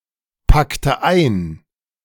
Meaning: inflection of einpacken: 1. first/third-person singular preterite 2. first/third-person singular subjunctive II
- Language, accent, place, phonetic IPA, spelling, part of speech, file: German, Germany, Berlin, [ˌpaktə ˈaɪ̯n], packte ein, verb, De-packte ein.ogg